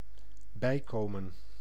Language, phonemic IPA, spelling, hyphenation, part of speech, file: Dutch, /ˈbɛi̯koːmə(n)/, bijkomen, bij‧ko‧men, verb, Nl-bijkomen.ogg
- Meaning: 1. to regain consciousness, to come round 2. to recuperate, to recover, to catch one's breath 3. to gain weight